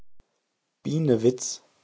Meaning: a surname transferred from the place name
- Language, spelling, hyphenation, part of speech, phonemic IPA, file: German, Bienewitz, Bie‧ne‧witz, proper noun, /ˈbiːnəvɪts/, De-Bienewitz.ogg